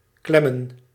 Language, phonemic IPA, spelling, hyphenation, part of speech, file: Dutch, /ˈklɛmə(n)/, klemmen, klem‧men, verb / noun, Nl-klemmen.ogg
- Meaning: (verb) 1. to clamp, to squeeze 2. to jam, to not move smoothly; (noun) plural of klem